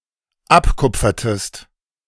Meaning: inflection of abkupfern: 1. second-person singular dependent preterite 2. second-person singular dependent subjunctive II
- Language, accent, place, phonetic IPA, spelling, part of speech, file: German, Germany, Berlin, [ˈapˌkʊp͡fɐtəst], abkupfertest, verb, De-abkupfertest.ogg